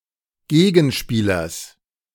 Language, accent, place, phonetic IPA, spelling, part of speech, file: German, Germany, Berlin, [ˈɡeːɡn̩ʃpiːlɐs], Gegenspielers, noun, De-Gegenspielers.ogg
- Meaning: genitive singular of Gegenspieler